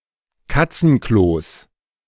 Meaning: plural of Katzenklo
- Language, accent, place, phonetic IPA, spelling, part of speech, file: German, Germany, Berlin, [ˈkat͡sn̩ˌklos], Katzenklos, noun, De-Katzenklos.ogg